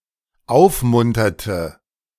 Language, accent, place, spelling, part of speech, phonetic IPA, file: German, Germany, Berlin, aufmunterte, verb, [ˈaʊ̯fˌmʊntɐtə], De-aufmunterte.ogg
- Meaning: inflection of aufmuntern: 1. first/third-person singular dependent preterite 2. first/third-person singular dependent subjunctive II